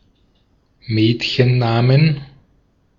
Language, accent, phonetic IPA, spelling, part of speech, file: German, Austria, [ˈmɛːtçənˌnaːmən], Mädchennamen, noun, De-at-Mädchennamen.ogg
- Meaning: plural of Mädchenname